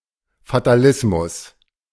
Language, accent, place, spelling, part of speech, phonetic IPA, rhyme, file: German, Germany, Berlin, Fatalismus, noun, [fataˈlɪsmʊs], -ɪsmʊs, De-Fatalismus.ogg
- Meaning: fatalism